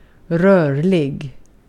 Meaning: moving, mobile, agile, flexible
- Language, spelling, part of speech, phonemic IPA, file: Swedish, rörlig, adjective, /²rœɭɪ(ɡ)/, Sv-rörlig.ogg